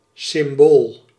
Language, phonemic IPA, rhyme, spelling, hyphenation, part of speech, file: Dutch, /sɪmˈboːl/, -oːl, symbool, sym‧bool, noun, Nl-symbool.ogg
- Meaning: 1. a symbol, sign, character, glyph or anything of symbolic value 2. a (notably Chistian) creed